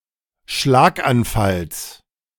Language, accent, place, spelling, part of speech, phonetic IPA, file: German, Germany, Berlin, Schlaganfalls, noun, [ˈʃlaːkʔanˌfals], De-Schlaganfalls.ogg
- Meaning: genitive singular of Schlaganfall